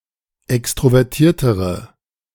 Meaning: inflection of extrovertiert: 1. strong/mixed nominative/accusative feminine singular comparative degree 2. strong nominative/accusative plural comparative degree
- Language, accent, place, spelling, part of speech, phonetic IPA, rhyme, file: German, Germany, Berlin, extrovertiertere, adjective, [ˌɛkstʁovɛʁˈtiːɐ̯təʁə], -iːɐ̯təʁə, De-extrovertiertere.ogg